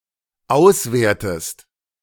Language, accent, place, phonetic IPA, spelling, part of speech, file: German, Germany, Berlin, [ˈaʊ̯sˌveːɐ̯təst], auswertest, verb, De-auswertest.ogg
- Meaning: inflection of auswerten: 1. second-person singular dependent present 2. second-person singular dependent subjunctive I